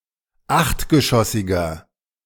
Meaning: inflection of achtgeschossig: 1. strong/mixed nominative masculine singular 2. strong genitive/dative feminine singular 3. strong genitive plural
- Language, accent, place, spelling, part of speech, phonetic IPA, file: German, Germany, Berlin, achtgeschossiger, adjective, [ˈaxtɡəˌʃɔsɪɡɐ], De-achtgeschossiger.ogg